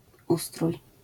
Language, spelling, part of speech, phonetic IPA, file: Polish, ustrój, noun / verb, [ˈustruj], LL-Q809 (pol)-ustrój.wav